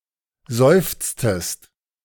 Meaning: inflection of seufzen: 1. second-person singular preterite 2. second-person singular subjunctive II
- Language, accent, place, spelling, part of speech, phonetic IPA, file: German, Germany, Berlin, seufztest, verb, [ˈzɔɪ̯ft͡stəst], De-seufztest.ogg